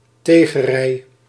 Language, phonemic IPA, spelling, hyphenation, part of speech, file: Dutch, /ˈteː.ɣəˌrɛi̯/, theegerei, thee‧ge‧rei, noun, Nl-theegerei.ogg
- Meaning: teaware